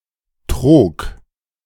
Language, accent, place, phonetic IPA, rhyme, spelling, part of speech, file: German, Germany, Berlin, [tʁoːk], -oːk, trog, verb, De-trog.ogg
- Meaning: first/third-person singular preterite of trügen